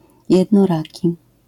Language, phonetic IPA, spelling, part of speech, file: Polish, [ˌjɛdnɔˈraci], jednoraki, numeral, LL-Q809 (pol)-jednoraki.wav